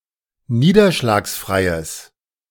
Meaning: strong/mixed nominative/accusative neuter singular of niederschlagsfrei
- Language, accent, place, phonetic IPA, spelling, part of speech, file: German, Germany, Berlin, [ˈniːdɐʃlaːksˌfʁaɪ̯əs], niederschlagsfreies, adjective, De-niederschlagsfreies.ogg